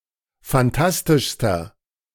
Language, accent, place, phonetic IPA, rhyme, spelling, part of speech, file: German, Germany, Berlin, [fanˈtastɪʃstɐ], -astɪʃstɐ, fantastischster, adjective, De-fantastischster.ogg
- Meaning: inflection of fantastisch: 1. strong/mixed nominative masculine singular superlative degree 2. strong genitive/dative feminine singular superlative degree 3. strong genitive plural superlative degree